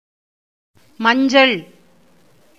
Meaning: 1. yellow (colour) 2. turmeric (Curcuma longa) 3. turmeric (the pulverized rhizome of the turmeric plant, used for flavoring and to add a bright yellow color to food)
- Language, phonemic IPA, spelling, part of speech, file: Tamil, /mɐɲdʒɐɭ/, மஞ்சள், noun, Ta-மஞ்சள்.ogg